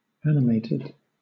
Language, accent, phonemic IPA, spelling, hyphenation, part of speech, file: English, Southern England, /ˈæn.ɪ.meɪ.tɪd/, animated, an‧i‧mated, adjective / verb, LL-Q1860 (eng)-animated.wav
- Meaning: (adjective) 1. Full of life or spirit; lively; vigorous; spritely 2. Endowed with life